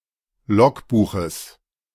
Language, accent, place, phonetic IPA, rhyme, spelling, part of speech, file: German, Germany, Berlin, [ˈlɔkˌbuːxəs], -ɔkbuːxəs, Logbuches, noun, De-Logbuches.ogg
- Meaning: genitive singular of Logbuch